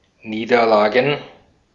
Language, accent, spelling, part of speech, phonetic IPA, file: German, Austria, Niederlagen, noun, [ˈniːdɐˌlaːɡn̩], De-at-Niederlagen.ogg
- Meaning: plural of Niederlage